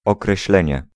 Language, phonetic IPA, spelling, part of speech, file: Polish, [ˌɔkrɛɕˈlɛ̃ɲɛ], określenie, noun, Pl-określenie.ogg